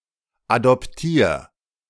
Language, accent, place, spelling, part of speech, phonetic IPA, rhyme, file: German, Germany, Berlin, adoptier, verb, [adɔpˈtiːɐ̯], -iːɐ̯, De-adoptier.ogg
- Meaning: 1. singular imperative of adoptieren 2. first-person singular present of adoptieren